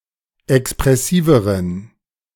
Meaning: inflection of expressiv: 1. strong genitive masculine/neuter singular comparative degree 2. weak/mixed genitive/dative all-gender singular comparative degree
- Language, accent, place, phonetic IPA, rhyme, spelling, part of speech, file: German, Germany, Berlin, [ɛkspʁɛˈsiːvəʁən], -iːvəʁən, expressiveren, adjective, De-expressiveren.ogg